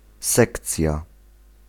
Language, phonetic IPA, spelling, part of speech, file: Polish, [ˈsɛkt͡sʲja], sekcja, noun, Pl-sekcja.ogg